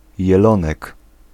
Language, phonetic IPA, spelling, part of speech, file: Polish, [jɛˈlɔ̃nɛk], jelonek, noun, Pl-jelonek.ogg